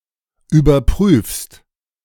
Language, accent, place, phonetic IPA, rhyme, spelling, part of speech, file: German, Germany, Berlin, [yːbɐˈpʁyːfst], -yːfst, überprüfst, verb, De-überprüfst.ogg
- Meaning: second-person singular present of überprüfen